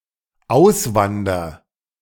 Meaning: first-person singular dependent present of auswandern
- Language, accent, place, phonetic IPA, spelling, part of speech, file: German, Germany, Berlin, [ˈaʊ̯sˌvandɐ], auswander, verb, De-auswander.ogg